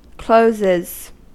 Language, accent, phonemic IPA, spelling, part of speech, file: English, US, /ˈkloʊzɪz/, closes, verb, En-us-closes.ogg
- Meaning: third-person singular simple present indicative of close